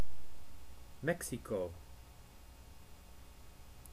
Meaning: 1. Mexico (a country in North America) 2. Mexico (a state of Mexico) 3. ellipsis of Mexico-Stad (= Mexico City): the capital city of Mexico
- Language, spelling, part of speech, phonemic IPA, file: Dutch, Mexico, proper noun, /ˈmɛk.si.koː/, Nl-Mexico.ogg